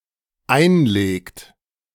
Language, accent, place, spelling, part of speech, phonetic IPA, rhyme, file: German, Germany, Berlin, einlegt, verb, [ˈaɪ̯nˌleːkt], -aɪ̯nleːkt, De-einlegt.ogg
- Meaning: inflection of einlegen: 1. third-person singular dependent present 2. second-person plural dependent present